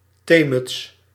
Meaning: tea cosy
- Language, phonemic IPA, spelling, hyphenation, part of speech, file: Dutch, /ˈteː.mʏts/, theemuts, thee‧muts, noun, Nl-theemuts.ogg